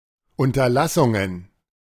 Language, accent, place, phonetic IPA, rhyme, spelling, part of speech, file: German, Germany, Berlin, [ˌʊntɐˈlasʊŋən], -asʊŋən, Unterlassungen, noun, De-Unterlassungen.ogg
- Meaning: plural of Unterlassung